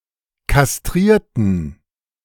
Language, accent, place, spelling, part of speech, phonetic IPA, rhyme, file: German, Germany, Berlin, kastrierten, verb / adjective, [kasˈtʁiːɐ̯tn̩], -iːɐ̯tn̩, De-kastrierten.ogg
- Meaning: inflection of kastrieren: 1. first/third-person plural preterite 2. first/third-person plural subjunctive II